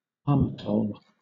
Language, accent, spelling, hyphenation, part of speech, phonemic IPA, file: English, Southern England, armatole, ar‧ma‧tole, noun, /ˈɑːmətəʊl/, LL-Q1860 (eng)-armatole.wav